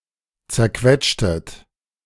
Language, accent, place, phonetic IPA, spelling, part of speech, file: German, Germany, Berlin, [t͡sɛɐ̯ˈkvɛtʃtət], zerquetschtet, verb, De-zerquetschtet.ogg
- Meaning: inflection of zerquetschen: 1. second-person plural preterite 2. second-person plural subjunctive II